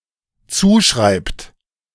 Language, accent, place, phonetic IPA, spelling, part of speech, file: German, Germany, Berlin, [ˈt͡suːˌʃʁaɪ̯pt], zuschreibt, verb, De-zuschreibt.ogg
- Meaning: inflection of zuschreiben: 1. third-person singular dependent present 2. second-person plural dependent present